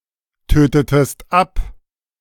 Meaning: inflection of abtöten: 1. second-person singular preterite 2. second-person singular subjunctive II
- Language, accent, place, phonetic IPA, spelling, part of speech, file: German, Germany, Berlin, [ˌtøːtətəst ˈap], tötetest ab, verb, De-tötetest ab.ogg